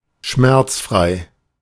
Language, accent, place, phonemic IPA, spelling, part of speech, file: German, Germany, Berlin, /ˈʃmɛʁt͡sˌfʁaɪ̯/, schmerzfrei, adjective, De-schmerzfrei.ogg
- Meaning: painless